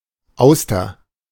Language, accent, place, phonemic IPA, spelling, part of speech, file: German, Germany, Berlin, /ˈaʊ̯stɐ/, Auster, noun, De-Auster.ogg
- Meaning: oyster